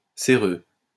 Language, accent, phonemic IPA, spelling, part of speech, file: French, France, /se.ʁø/, céreux, adjective, LL-Q150 (fra)-céreux.wav
- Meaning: cerous